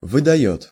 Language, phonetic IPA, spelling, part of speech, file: Russian, [vɨdɐˈjɵt], выдаёт, verb, Ru-выдаёт.ogg
- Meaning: third-person singular present indicative imperfective of выдава́ть (vydavátʹ)